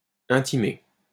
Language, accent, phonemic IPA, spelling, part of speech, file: French, France, /ɛ̃.ti.me/, intimé, noun, LL-Q150 (fra)-intimé.wav
- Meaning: respondent